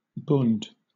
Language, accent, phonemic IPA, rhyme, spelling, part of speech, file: English, Southern England, /bʊnd/, -ʊnd, bund, noun, LL-Q1860 (eng)-bund.wav
- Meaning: 1. A league or confederacy; especially the confederation of German states 2. A group of foreign sympathizers of Nazi Germany, most notoriously before and during World War II